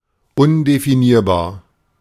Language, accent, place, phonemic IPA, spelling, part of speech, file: German, Germany, Berlin, /ˈʊndefiˌniːɐ̯baːɐ̯/, undefinierbar, adjective, De-undefinierbar.ogg
- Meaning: indefinable